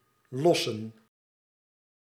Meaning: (verb) 1. to unload 2. to dump; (noun) plural of losse
- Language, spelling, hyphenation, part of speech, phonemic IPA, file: Dutch, lossen, los‧sen, verb / noun, /ˈlɔ.sə(n)/, Nl-lossen.ogg